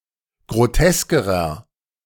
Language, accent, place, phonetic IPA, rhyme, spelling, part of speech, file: German, Germany, Berlin, [ɡʁoˈtɛskəʁɐ], -ɛskəʁɐ, groteskerer, adjective, De-groteskerer.ogg
- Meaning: inflection of grotesk: 1. strong/mixed nominative masculine singular comparative degree 2. strong genitive/dative feminine singular comparative degree 3. strong genitive plural comparative degree